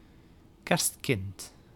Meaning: 1. baby Jezus 2. a child born on Christmas (Eve or Day)
- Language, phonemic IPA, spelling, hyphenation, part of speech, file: Dutch, /ˈkɛrst.kɪnt/, kerstkind, kerst‧kind, noun, Nl-kerstkind.ogg